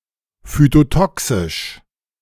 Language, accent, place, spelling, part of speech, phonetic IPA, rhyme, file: German, Germany, Berlin, phytotoxisch, adjective, [fytoˈtɔksɪʃ], -ɔksɪʃ, De-phytotoxisch.ogg
- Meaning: phytotoxic